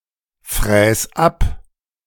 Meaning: 1. singular imperative of abfräsen 2. first-person singular present of abfräsen
- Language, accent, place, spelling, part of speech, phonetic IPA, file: German, Germany, Berlin, fräs ab, verb, [ˌfʁɛːs ˈap], De-fräs ab.ogg